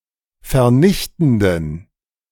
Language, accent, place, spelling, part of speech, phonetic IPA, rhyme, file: German, Germany, Berlin, vernichtenden, adjective, [fɛɐ̯ˈnɪçtn̩dən], -ɪçtn̩dən, De-vernichtenden.ogg
- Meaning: inflection of vernichtend: 1. strong genitive masculine/neuter singular 2. weak/mixed genitive/dative all-gender singular 3. strong/weak/mixed accusative masculine singular 4. strong dative plural